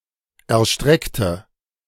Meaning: inflection of erstrecken: 1. first/third-person singular preterite 2. first/third-person singular subjunctive II
- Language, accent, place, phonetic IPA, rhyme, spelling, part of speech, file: German, Germany, Berlin, [ɛɐ̯ˈʃtʁɛktə], -ɛktə, erstreckte, adjective / verb, De-erstreckte.ogg